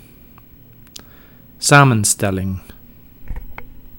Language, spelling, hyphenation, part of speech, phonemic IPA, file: Dutch, samenstelling, sa‧men‧stel‧ling, noun, /ˈsaːmə(n)ˌstɛlɪŋ/, Nl-samenstelling.ogg
- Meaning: 1. composition 2. compound word